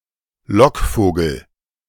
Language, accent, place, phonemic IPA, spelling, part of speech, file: German, Germany, Berlin, /ˈlɔkˌfoːɡl̩/, Lockvogel, noun, De-Lockvogel.ogg
- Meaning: decoy